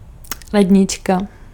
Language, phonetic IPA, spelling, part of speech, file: Czech, [ˈlɛdɲɪt͡ʃka], lednička, noun, Cs-lednička.ogg
- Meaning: fridge